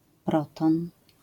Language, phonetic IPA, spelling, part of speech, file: Polish, [ˈprɔtɔ̃n], proton, noun, LL-Q809 (pol)-proton.wav